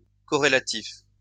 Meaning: correlative
- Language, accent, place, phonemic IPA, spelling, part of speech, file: French, France, Lyon, /kɔ.ʁe.la.tif/, corrélatif, adjective, LL-Q150 (fra)-corrélatif.wav